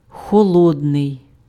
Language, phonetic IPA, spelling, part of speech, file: Ukrainian, [xɔˈɫɔdnei̯], холодний, adjective, Uk-холодний.ogg
- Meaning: cold